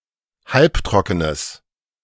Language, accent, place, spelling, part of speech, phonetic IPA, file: German, Germany, Berlin, halbtrockenes, adjective, [ˈhalpˌtʁɔkənəs], De-halbtrockenes.ogg
- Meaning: strong/mixed nominative/accusative neuter singular of halbtrocken